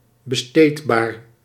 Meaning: disposable
- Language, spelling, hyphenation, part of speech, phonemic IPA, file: Dutch, besteedbaar, be‧steed‧baar, adjective, /bəˈsteːt.baːr/, Nl-besteedbaar.ogg